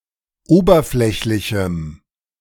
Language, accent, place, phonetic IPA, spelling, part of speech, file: German, Germany, Berlin, [ˈoːbɐˌflɛçlɪçm̩], oberflächlichem, adjective, De-oberflächlichem.ogg
- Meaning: strong dative masculine/neuter singular of oberflächlich